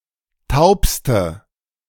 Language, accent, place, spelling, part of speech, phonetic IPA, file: German, Germany, Berlin, taubste, adjective, [ˈtaʊ̯pstə], De-taubste.ogg
- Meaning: inflection of taub: 1. strong/mixed nominative/accusative feminine singular superlative degree 2. strong nominative/accusative plural superlative degree